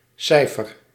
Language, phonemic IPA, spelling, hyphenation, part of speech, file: Dutch, /ˈsɛi̯.fər/, cijfer, cij‧fer, noun / verb, Nl-cijfer.ogg
- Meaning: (noun) 1. digit, numeral 2. statistic, figure 3. a grade given for an assignment or class, particularly in primary school; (verb) inflection of cijferen: first-person singular present indicative